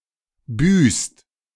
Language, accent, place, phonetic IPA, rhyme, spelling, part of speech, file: German, Germany, Berlin, [byːst], -yːst, büßt, verb, De-büßt.ogg
- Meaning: inflection of büßen: 1. second-person singular/plural present 2. third-person singular present 3. plural imperative